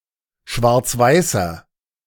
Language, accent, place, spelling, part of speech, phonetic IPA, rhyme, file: German, Germany, Berlin, schwarzweißer, adjective, [ˌʃvaʁt͡sˈvaɪ̯sɐ], -aɪ̯sɐ, De-schwarzweißer.ogg
- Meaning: inflection of schwarzweiß: 1. strong/mixed nominative masculine singular 2. strong genitive/dative feminine singular 3. strong genitive plural